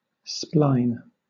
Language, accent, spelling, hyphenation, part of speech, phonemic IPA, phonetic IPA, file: English, Southern England, spline, spline, noun / verb, /ˈsplaɪ̯n/, [ˈsplaɪ̯n], LL-Q1860 (eng)-spline.wav
- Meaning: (noun) 1. A long, thin piece of metal or wood 2. A strip of wood or other material inserted into grooves in each of two pieces of wood to provide additional surface for gluing